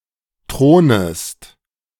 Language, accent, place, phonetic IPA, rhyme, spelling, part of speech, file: German, Germany, Berlin, [ˈtʁoːnəst], -oːnəst, thronest, verb, De-thronest.ogg
- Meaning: second-person singular subjunctive I of thronen